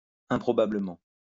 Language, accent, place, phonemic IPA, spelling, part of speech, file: French, France, Lyon, /ɛ̃.pʁɔ.ba.blə.mɑ̃/, improbablement, adverb, LL-Q150 (fra)-improbablement.wav
- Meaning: improbably